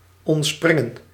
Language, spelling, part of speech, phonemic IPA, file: Dutch, ontspringen, verb, /ˌɔntˈsprɪ.ŋə(n)/, Nl-ontspringen.ogg
- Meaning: 1. to spring, arise – start to exist 2. to jump away from